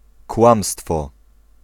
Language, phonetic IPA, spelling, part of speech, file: Polish, [ˈkwãmstfɔ], kłamstwo, noun, Pl-kłamstwo.ogg